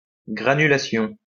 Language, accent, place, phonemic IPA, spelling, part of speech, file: French, France, Lyon, /ɡʁa.ny.la.sjɔ̃/, granulation, noun, LL-Q150 (fra)-granulation.wav
- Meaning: granulation